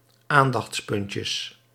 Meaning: plural of aandachtspuntje
- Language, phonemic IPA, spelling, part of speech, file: Dutch, /ˈandɑx(t)sˌpʏncəs/, aandachtspuntjes, noun, Nl-aandachtspuntjes.ogg